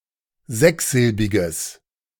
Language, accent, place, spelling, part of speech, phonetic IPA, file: German, Germany, Berlin, sechssilbiges, adjective, [ˈzɛksˌzɪlbɪɡəs], De-sechssilbiges.ogg
- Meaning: strong/mixed nominative/accusative neuter singular of sechssilbig